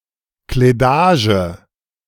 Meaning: clothes
- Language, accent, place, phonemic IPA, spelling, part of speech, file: German, Germany, Berlin, /kleˈdaːʒə/, Kledage, noun, De-Kledage.ogg